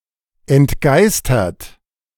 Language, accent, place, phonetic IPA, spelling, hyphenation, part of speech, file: German, Germany, Berlin, [ɛntˈɡaɪ̯stɐt], entgeistert, ent‧geis‧tert, adjective, De-entgeistert.ogg
- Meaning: dumbfounded